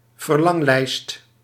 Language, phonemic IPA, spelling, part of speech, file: Dutch, /vərˈlɑŋlɛist/, verlanglijst, noun, Nl-verlanglijst.ogg
- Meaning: wishlist